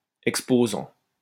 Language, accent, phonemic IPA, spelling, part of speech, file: French, France, /ɛk.spo.zɑ̃/, exposant, verb / noun, LL-Q150 (fra)-exposant.wav
- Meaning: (verb) present participle of exposer; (noun) 1. exhibitor 2. exponent 3. superscript